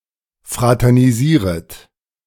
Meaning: second-person plural subjunctive I of fraternisieren
- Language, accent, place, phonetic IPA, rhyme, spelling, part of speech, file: German, Germany, Berlin, [ˌfʁatɛʁniˈziːʁət], -iːʁət, fraternisieret, verb, De-fraternisieret.ogg